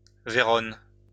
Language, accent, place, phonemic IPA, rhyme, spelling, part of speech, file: French, France, Lyon, /ve.ʁɔn/, -ɔn, Vérone, proper noun, LL-Q150 (fra)-Vérone.wav
- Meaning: 1. Verona (a province of Veneto, Italy) 2. Verona (the capital city of the province of Verona, Veneto, Italy)